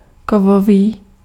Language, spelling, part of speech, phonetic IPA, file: Czech, kovový, adjective, [ˈkovoviː], Cs-kovový.ogg
- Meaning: metal